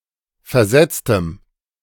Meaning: strong dative masculine/neuter singular of versetzt
- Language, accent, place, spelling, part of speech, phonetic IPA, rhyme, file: German, Germany, Berlin, versetztem, adjective, [fɛɐ̯ˈzɛt͡stəm], -ɛt͡stəm, De-versetztem.ogg